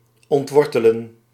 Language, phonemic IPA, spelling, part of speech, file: Dutch, /ɔntˈʋɔr.tə.lə(n)/, ontwortelen, verb, Nl-ontwortelen.ogg
- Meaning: to uproot, deracinate